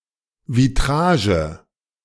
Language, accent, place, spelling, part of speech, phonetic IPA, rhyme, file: German, Germany, Berlin, Vitrage, noun, [viˈtʁaːʒə], -aːʒə, De-Vitrage.ogg
- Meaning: vitrage